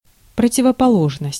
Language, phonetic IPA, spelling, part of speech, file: Russian, [prətʲɪvəpɐˈɫoʐnəsʲtʲ], противоположность, noun, Ru-противоположность.ogg
- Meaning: contrast, opposition